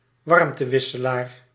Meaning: heat exchanger
- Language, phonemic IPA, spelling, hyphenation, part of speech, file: Dutch, /ˈʋɑrm.təˌʋɪ.sə.laːr/, warmtewisselaar, warm‧te‧wis‧se‧laar, noun, Nl-warmtewisselaar.ogg